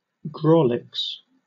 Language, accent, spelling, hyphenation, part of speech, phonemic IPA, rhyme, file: English, Southern England, grawlix, graw‧lix, noun, /ˈɡɹɔːlɪks/, -ɔːlɪks, LL-Q1860 (eng)-grawlix.wav
- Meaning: A series of images or symbols used in speech bubbles in comic strips to indicate one or more swear words.: An image resembling an illegible scribble used for this purpose